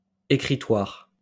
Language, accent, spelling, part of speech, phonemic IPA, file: French, France, écritoire, noun, /e.kʁi.twaʁ/, LL-Q150 (fra)-écritoire.wav
- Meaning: writing desk